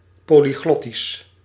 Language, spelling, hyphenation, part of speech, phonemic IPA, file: Dutch, polyglottisch, po‧ly‧glot‧tisch, adjective, /ˌpoː.liˈɣlɔ.tis/, Nl-polyglottisch.ogg
- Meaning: polyglot, polyglottic